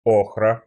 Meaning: ochre
- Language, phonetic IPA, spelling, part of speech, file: Russian, [ˈoxrə], охра, noun, Ru-охра.ogg